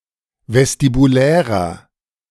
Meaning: inflection of vestibulär: 1. strong/mixed nominative masculine singular 2. strong genitive/dative feminine singular 3. strong genitive plural
- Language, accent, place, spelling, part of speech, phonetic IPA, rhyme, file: German, Germany, Berlin, vestibulärer, adjective, [vɛstibuˈlɛːʁɐ], -ɛːʁɐ, De-vestibulärer.ogg